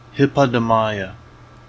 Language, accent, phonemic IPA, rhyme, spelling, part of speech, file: English, US, /ˌhɪpɒdəˈmaɪə/, -aɪə, Hippodamia, proper noun, En-us-hippodamia.ogg
- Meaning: Various female Ancient Greek mythological figures, especially the queen of Pisa as the wife of Pelops